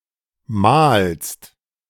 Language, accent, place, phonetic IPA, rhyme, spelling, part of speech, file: German, Germany, Berlin, [maːlst], -aːlst, malst, verb, De-malst.ogg
- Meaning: second-person singular present of malen